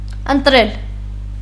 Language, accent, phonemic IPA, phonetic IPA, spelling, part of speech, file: Armenian, Eastern Armenian, /əntˈɾel/, [əntɾél], ընտրել, verb, Hy-ընտրել.ogg
- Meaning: 1. to choose 2. to elect